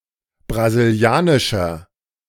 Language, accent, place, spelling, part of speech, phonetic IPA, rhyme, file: German, Germany, Berlin, brasilianischer, adjective, [bʁaziˈli̯aːnɪʃɐ], -aːnɪʃɐ, De-brasilianischer.ogg
- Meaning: inflection of brasilianisch: 1. strong/mixed nominative masculine singular 2. strong genitive/dative feminine singular 3. strong genitive plural